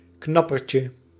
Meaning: diminutive of knapperd
- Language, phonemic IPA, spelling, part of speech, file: Dutch, /ˈknɑpərcə/, knapperdje, noun, Nl-knapperdje.ogg